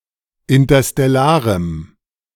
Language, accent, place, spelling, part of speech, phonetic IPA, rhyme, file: German, Germany, Berlin, interstellarem, adjective, [ɪntɐstɛˈlaːʁəm], -aːʁəm, De-interstellarem.ogg
- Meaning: strong dative masculine/neuter singular of interstellar